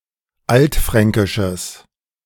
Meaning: strong/mixed nominative/accusative neuter singular of altfränkisch
- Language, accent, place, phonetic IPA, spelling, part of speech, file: German, Germany, Berlin, [ˈaltˌfʁɛŋkɪʃəs], altfränkisches, adjective, De-altfränkisches.ogg